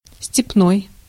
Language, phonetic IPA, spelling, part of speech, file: Russian, [sʲtʲɪpˈnoj], степной, adjective, Ru-степной.ogg
- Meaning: steppe